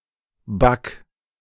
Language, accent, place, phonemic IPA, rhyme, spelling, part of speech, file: German, Germany, Berlin, /bak/, -ak, back, verb, De-back.ogg
- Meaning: inflection of backen: 1. second-person singular imperative 2. first-person singular present indicative